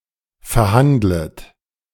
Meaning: second-person plural subjunctive I of verhandeln
- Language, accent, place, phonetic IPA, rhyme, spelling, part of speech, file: German, Germany, Berlin, [fɛɐ̯ˈhandlət], -andlət, verhandlet, verb, De-verhandlet.ogg